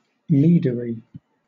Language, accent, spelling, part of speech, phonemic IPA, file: English, Southern England, meadery, noun, /ˈmiːdəɹi/, LL-Q1860 (eng)-meadery.wav
- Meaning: A place where mead is made